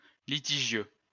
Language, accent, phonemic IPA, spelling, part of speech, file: French, France, /li.ti.ʒjø/, litigieux, adjective, LL-Q150 (fra)-litigieux.wav
- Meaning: 1. litigious 2. controversial